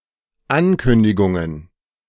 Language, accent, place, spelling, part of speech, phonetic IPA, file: German, Germany, Berlin, Ankündigungen, noun, [ˈankʏndɪɡʊŋən], De-Ankündigungen.ogg
- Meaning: plural of Ankündigung